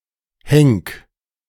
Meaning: 1. singular imperative of henken 2. first-person singular present of henken
- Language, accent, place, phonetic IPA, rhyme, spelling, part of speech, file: German, Germany, Berlin, [hɛŋk], -ɛŋk, henk, verb, De-henk.ogg